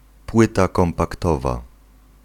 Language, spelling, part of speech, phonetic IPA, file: Polish, płyta kompaktowa, noun, [ˈpwɨta ˌkɔ̃mpakˈtɔva], Pl-płyta kompaktowa.ogg